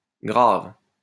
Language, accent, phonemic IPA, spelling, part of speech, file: French, France, /ɡʁav/, graves, verb, LL-Q150 (fra)-graves.wav
- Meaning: second-person singular present indicative/subjunctive of graver